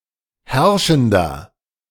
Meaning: inflection of herrschend: 1. strong/mixed nominative masculine singular 2. strong genitive/dative feminine singular 3. strong genitive plural
- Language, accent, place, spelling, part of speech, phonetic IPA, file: German, Germany, Berlin, herrschender, adjective, [ˈhɛʁʃn̩dɐ], De-herrschender.ogg